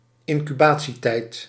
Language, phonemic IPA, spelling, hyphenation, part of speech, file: Dutch, /ɪn.kyˈbaː.(t)siˌtɛi̯t/, incubatietijd, in‧cu‧ba‧tie‧tijd, noun, Nl-incubatietijd.ogg
- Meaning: an incubation period